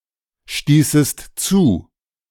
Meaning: second-person singular subjunctive II of zustoßen
- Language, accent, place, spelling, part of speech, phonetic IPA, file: German, Germany, Berlin, stießest zu, verb, [ˌʃtiːsəst ˈt͡suː], De-stießest zu.ogg